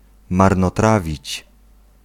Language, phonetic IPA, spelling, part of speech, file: Polish, [ˌmarnɔˈtravʲit͡ɕ], marnotrawić, verb, Pl-marnotrawić.ogg